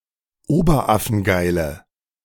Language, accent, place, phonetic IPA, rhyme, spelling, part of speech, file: German, Germany, Berlin, [ˈoːbɐˈʔafn̩ˈɡaɪ̯lə], -aɪ̯lə, oberaffengeile, adjective, De-oberaffengeile.ogg
- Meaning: inflection of oberaffengeil: 1. strong/mixed nominative/accusative feminine singular 2. strong nominative/accusative plural 3. weak nominative all-gender singular